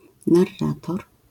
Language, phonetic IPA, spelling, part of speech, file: Polish, [narˈːatɔr], narrator, noun, LL-Q809 (pol)-narrator.wav